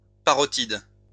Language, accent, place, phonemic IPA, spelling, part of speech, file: French, France, Lyon, /pa.ʁɔ.tid/, parotide, adjective / noun, LL-Q150 (fra)-parotide.wav
- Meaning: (adjective) parotid; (noun) parotid (gland)